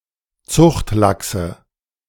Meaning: nominative/accusative/genitive plural of Zuchtlachs
- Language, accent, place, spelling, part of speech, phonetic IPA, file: German, Germany, Berlin, Zuchtlachse, noun, [ˈt͡sʊxtˌlaksə], De-Zuchtlachse.ogg